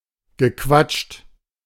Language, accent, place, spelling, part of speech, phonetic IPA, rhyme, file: German, Germany, Berlin, gequatscht, verb, [ɡəˈkvat͡ʃt], -at͡ʃt, De-gequatscht.ogg
- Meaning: past participle of quatschen